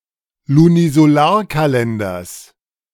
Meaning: genitive singular of Lunisolarkalender
- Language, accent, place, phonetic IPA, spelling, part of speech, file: German, Germany, Berlin, [lunizoˈlaːɐ̯kaˌlɛndɐs], Lunisolarkalenders, noun, De-Lunisolarkalenders.ogg